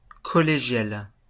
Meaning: feminine singular of collégial
- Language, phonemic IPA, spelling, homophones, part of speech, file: French, /kɔ.le.ʒjal/, collégiale, collégial / collégiales, adjective, LL-Q150 (fra)-collégiale.wav